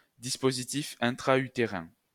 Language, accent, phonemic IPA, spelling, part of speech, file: French, France, /dis.po.zi.tif ɛ̃.tʁa.y.te.ʁɛ̃/, dispositif intra-utérin, noun, LL-Q150 (fra)-dispositif intra-utérin.wav
- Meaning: intrauterine device (contraceptive device)